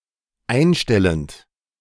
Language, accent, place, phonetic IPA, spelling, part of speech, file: German, Germany, Berlin, [ˈaɪ̯nˌʃtɛlənt], einstellend, verb, De-einstellend.ogg
- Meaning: present participle of einstellen